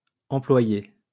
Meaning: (noun) employee; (verb) feminine singular of employé
- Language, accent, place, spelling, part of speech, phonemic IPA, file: French, France, Lyon, employée, noun / verb, /ɑ̃.plwa.je/, LL-Q150 (fra)-employée.wav